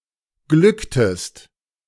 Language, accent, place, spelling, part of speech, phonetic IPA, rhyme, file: German, Germany, Berlin, glücktest, verb, [ˈɡlʏktəst], -ʏktəst, De-glücktest.ogg
- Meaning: inflection of glücken: 1. second-person singular preterite 2. second-person singular subjunctive II